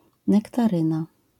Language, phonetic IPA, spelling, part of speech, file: Polish, [ˌnɛktaˈrɨ̃na], nektaryna, noun, LL-Q809 (pol)-nektaryna.wav